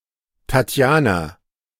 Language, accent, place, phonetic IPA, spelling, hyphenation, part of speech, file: German, Germany, Berlin, [tatˈjaːna], Tatjana, Tat‧ja‧na, proper noun, De-Tatjana.ogg
- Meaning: 1. a female given name from Russian 2. a transliteration of the Russian female given name Татья́на (Tatʹjána)